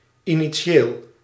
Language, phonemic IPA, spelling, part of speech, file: Dutch, /ˌiniˈ(t)ʃel/, initieel, adjective, Nl-initieel.ogg
- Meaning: initial